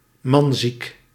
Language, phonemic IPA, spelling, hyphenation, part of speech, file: Dutch, /ˈmɑn.zik/, manziek, man‧ziek, adjective, Nl-manziek.ogg
- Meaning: having (excessively) strong sexual or romantic drives toward men, nymphomaniac (of women)